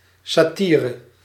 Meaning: a satire
- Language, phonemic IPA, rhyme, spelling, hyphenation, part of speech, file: Dutch, /ˌsaːˈtiː.rə/, -iːrə, satire, sa‧ti‧re, noun, Nl-satire.ogg